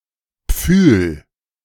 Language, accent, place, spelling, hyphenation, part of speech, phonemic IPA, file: German, Germany, Berlin, Pfühl, Pfühl, noun, /p͡fyːl/, De-Pfühl.ogg
- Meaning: a big and soft pillow